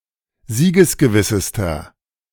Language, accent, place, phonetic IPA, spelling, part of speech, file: German, Germany, Berlin, [ˈziːɡəsɡəˌvɪsəstɐ], siegesgewissester, adjective, De-siegesgewissester.ogg
- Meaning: inflection of siegesgewiss: 1. strong/mixed nominative masculine singular superlative degree 2. strong genitive/dative feminine singular superlative degree 3. strong genitive plural superlative degree